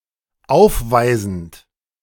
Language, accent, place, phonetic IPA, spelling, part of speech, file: German, Germany, Berlin, [ˈaʊ̯fˌvaɪ̯zn̩t], aufweisend, verb, De-aufweisend.ogg
- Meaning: present participle of aufweisen